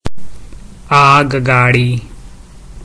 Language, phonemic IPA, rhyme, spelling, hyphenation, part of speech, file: Gujarati, /ˈɑɡ.ɡɑ.ɽi/, -i, આગગાડી, આગ‧ગા‧ડી, noun, Gu-આગગાડી.ogg
- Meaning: railway train